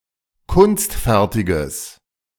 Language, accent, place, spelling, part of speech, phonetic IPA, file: German, Germany, Berlin, kunstfertiges, adjective, [ˈkʊnstˌfɛʁtɪɡəs], De-kunstfertiges.ogg
- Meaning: strong/mixed nominative/accusative neuter singular of kunstfertig